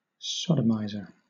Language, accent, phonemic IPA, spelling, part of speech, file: English, Southern England, /ˈsɒdəmaɪzə/, sodomiser, noun, LL-Q1860 (eng)-sodomiser.wav
- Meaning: Someone who sodomises